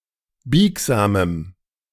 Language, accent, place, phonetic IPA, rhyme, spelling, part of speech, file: German, Germany, Berlin, [ˈbiːkzaːməm], -iːkzaːməm, biegsamem, adjective, De-biegsamem.ogg
- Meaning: strong dative masculine/neuter singular of biegsam